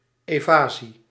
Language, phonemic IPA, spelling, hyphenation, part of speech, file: Dutch, /ˌeːˈvaː.zi/, evasie, eva‧sie, noun, Nl-evasie.ogg
- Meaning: 1. evasion 2. pretext, pretense